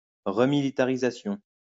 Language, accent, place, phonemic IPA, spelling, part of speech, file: French, France, Lyon, /ʁə.mi.li.ta.ʁi.za.sjɔ̃/, remilitarisation, noun, LL-Q150 (fra)-remilitarisation.wav
- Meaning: remilitarization